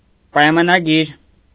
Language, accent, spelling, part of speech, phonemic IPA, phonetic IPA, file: Armenian, Eastern Armenian, պայմանագիր, noun, /pɑjmɑnɑˈɡiɾ/, [pɑjmɑnɑɡíɾ], Hy-պայմանագիր.ogg
- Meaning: agreement, contract